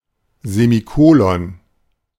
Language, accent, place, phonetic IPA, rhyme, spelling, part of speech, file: German, Germany, Berlin, [zemiˈkoːlɔn], -oːlɔn, Semikolon, noun, De-Semikolon.ogg
- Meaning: semicolon